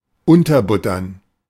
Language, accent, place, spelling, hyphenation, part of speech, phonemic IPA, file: German, Germany, Berlin, unterbuttern, un‧ter‧but‧tern, verb, /ˈʊntɐˌbʊtɐn/, De-unterbuttern.ogg
- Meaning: to walk over